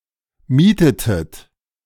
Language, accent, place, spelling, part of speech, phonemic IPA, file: German, Germany, Berlin, mietetet, verb, /ˈmiːtətət/, De-mietetet.ogg
- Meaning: inflection of mieten: 1. second-person plural preterite 2. second-person plural subjunctive II